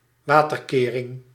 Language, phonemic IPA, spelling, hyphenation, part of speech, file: Dutch, /ˈʋaː.tərˌkeː.rɪŋ/, waterkering, wa‧ter‧ke‧ring, noun, Nl-waterkering.ogg
- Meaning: a water barrier, a flood defence